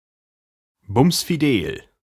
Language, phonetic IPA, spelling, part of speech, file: German, [ˌbʊmsfiˈdeːl], bumsfidel, adjective, De-bumsfidel.ogg
- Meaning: jolly, chirpy